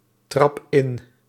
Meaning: inflection of intrappen: 1. first-person singular present indicative 2. second-person singular present indicative 3. imperative
- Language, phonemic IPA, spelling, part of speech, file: Dutch, /ˈtrɑp ˈɪn/, trap in, verb, Nl-trap in.ogg